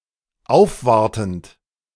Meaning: present participle of aufwarten
- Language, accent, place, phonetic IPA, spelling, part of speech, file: German, Germany, Berlin, [ˈaʊ̯fˌvaʁtn̩t], aufwartend, verb, De-aufwartend.ogg